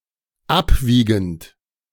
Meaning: present participle of abwiegen
- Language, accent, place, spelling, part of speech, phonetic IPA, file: German, Germany, Berlin, abwiegend, verb, [ˈapˌviːɡn̩t], De-abwiegend.ogg